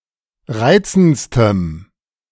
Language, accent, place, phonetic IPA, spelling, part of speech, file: German, Germany, Berlin, [ˈʁaɪ̯t͡sn̩t͡stəm], reizendstem, adjective, De-reizendstem.ogg
- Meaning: strong dative masculine/neuter singular superlative degree of reizend